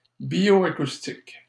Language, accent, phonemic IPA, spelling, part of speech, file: French, Canada, /bjo.a.kus.tik/, bioacoustique, adjective, LL-Q150 (fra)-bioacoustique.wav
- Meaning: bioacoustic